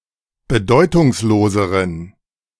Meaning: inflection of bedeutungslos: 1. strong genitive masculine/neuter singular comparative degree 2. weak/mixed genitive/dative all-gender singular comparative degree
- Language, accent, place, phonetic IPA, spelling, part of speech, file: German, Germany, Berlin, [bəˈdɔɪ̯tʊŋsˌloːzəʁən], bedeutungsloseren, adjective, De-bedeutungsloseren.ogg